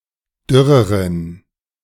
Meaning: inflection of dürr: 1. strong genitive masculine/neuter singular comparative degree 2. weak/mixed genitive/dative all-gender singular comparative degree
- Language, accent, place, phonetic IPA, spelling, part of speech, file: German, Germany, Berlin, [ˈdʏʁəʁən], dürreren, adjective, De-dürreren.ogg